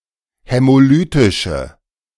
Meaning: inflection of hämolytisch: 1. strong/mixed nominative/accusative feminine singular 2. strong nominative/accusative plural 3. weak nominative all-gender singular
- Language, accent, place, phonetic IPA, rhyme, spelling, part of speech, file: German, Germany, Berlin, [hɛmoˈlyːtɪʃə], -yːtɪʃə, hämolytische, adjective, De-hämolytische.ogg